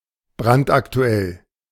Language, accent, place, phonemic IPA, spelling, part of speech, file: German, Germany, Berlin, /ˈbʁantʔakˈtu̯ɛl/, brandaktuell, adjective, De-brandaktuell.ogg
- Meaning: breaking, very topical